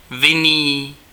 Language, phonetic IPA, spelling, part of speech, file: Czech, [ˈvɪniː], vinný, adjective, Cs-vinný.ogg
- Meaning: 1. guilty 2. wine 3. grapevine